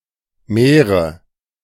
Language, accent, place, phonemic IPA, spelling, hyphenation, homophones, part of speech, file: German, Germany, Berlin, /ˈmɛːrə/, Mähre, Mäh‧re, Märe / mehre, noun, De-Mähre.ogg
- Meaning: 1. a female horse 2. a decrepit old horse; a nag 3. Moravian (person from Moravia; male or unspecified sex)